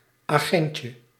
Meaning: diminutive of agent
- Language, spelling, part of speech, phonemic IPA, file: Dutch, agentje, noun, /ˈedʒəɲcə/, Nl-agentje.ogg